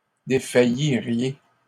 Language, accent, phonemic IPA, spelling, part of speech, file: French, Canada, /de.fa.ji.ʁje/, défailliriez, verb, LL-Q150 (fra)-défailliriez.wav
- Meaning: second-person plural conditional of défaillir